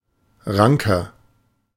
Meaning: 1. comparative degree of rank 2. inflection of rank: strong/mixed nominative masculine singular 3. inflection of rank: strong genitive/dative feminine singular
- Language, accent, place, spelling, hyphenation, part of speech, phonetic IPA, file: German, Germany, Berlin, ranker, ran‧ker, adjective, [ˈʁaŋkɐ], De-ranker.ogg